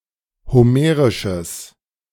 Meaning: strong/mixed nominative/accusative neuter singular of homerisch
- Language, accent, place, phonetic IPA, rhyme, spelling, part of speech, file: German, Germany, Berlin, [hoˈmeːʁɪʃəs], -eːʁɪʃəs, homerisches, adjective, De-homerisches.ogg